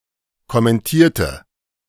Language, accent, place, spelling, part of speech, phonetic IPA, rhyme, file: German, Germany, Berlin, kommentierte, adjective / verb, [kɔmɛnˈtiːɐ̯tə], -iːɐ̯tə, De-kommentierte.ogg
- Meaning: inflection of kommentieren: 1. first/third-person singular preterite 2. first/third-person singular subjunctive II